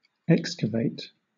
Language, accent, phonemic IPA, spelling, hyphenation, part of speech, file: English, Southern England, /ˈɛk.skə.veɪt/, excavate, ex‧ca‧va‧te, verb / adjective, LL-Q1860 (eng)-excavate.wav
- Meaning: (verb) 1. To make a hole in (something); to hollow 2. To remove part of (something) by scooping or digging it out 3. To uncover (something) by digging; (adjective) Made hollow